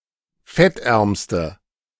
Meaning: inflection of fettarm: 1. strong/mixed nominative/accusative feminine singular superlative degree 2. strong nominative/accusative plural superlative degree
- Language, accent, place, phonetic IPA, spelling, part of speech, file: German, Germany, Berlin, [ˈfɛtˌʔɛʁmstə], fettärmste, adjective, De-fettärmste.ogg